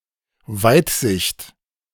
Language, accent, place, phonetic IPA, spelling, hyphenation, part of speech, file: German, Germany, Berlin, [ˈvaɪ̯tˌzɪçt], Weitsicht, Weit‧sicht, noun, De-Weitsicht.ogg
- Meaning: foresight